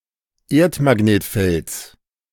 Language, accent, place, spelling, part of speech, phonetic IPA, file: German, Germany, Berlin, Erdmagnetfelds, noun, [ˈeːɐ̯tmaˌɡneːtfɛlt͡s], De-Erdmagnetfelds.ogg
- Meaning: genitive singular of Erdmagnetfeld